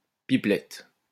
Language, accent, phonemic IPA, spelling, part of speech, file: French, France, /pi.plɛt/, pipelette, noun, LL-Q150 (fra)-pipelette.wav
- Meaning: chatterbox